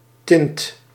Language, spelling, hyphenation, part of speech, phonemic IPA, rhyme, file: Dutch, tint, tint, noun / verb, /tɪnt/, -ɪnt, Nl-tint.ogg
- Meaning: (noun) hue; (verb) inflection of tinten: 1. first/second/third-person singular present indicative 2. imperative